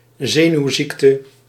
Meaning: 1. neurosis 2. neuropathy
- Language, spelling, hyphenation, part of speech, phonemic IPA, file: Dutch, zenuwziekte, ze‧nuw‧ziek‧te, noun, /ˈzeːnyu̯ˌziktə/, Nl-zenuwziekte.ogg